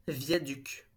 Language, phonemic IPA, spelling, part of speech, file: French, /vja.dyk/, viaduc, noun, LL-Q150 (fra)-viaduc.wav
- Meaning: viaduct